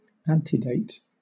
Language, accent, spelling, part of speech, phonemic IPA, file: English, Southern England, antedate, verb / noun, /ˈæntiˌdeɪt/, LL-Q1860 (eng)-antedate.wav
- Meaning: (verb) 1. To occur before an event or time; to exist further back in time 2. To assign a date to a document or action earlier than the actual date 3. To find earlier citational evidence for a term